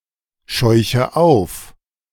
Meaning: inflection of aufscheuchen: 1. first-person singular present 2. first/third-person singular subjunctive I 3. singular imperative
- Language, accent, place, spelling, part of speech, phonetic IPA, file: German, Germany, Berlin, scheuche auf, verb, [ˌʃɔɪ̯çə ˈaʊ̯f], De-scheuche auf.ogg